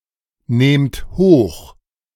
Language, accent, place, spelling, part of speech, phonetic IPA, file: German, Germany, Berlin, nehmt hoch, verb, [ˌneːmt ˈhoːx], De-nehmt hoch.ogg
- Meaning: inflection of hochnehmen: 1. second-person plural present 2. plural imperative